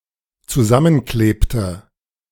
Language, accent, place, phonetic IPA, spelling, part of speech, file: German, Germany, Berlin, [t͡suˈzamənˌkleːptə], zusammenklebte, verb, De-zusammenklebte.ogg
- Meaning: inflection of zusammenkleben: 1. first/third-person singular dependent preterite 2. first/third-person singular dependent subjunctive II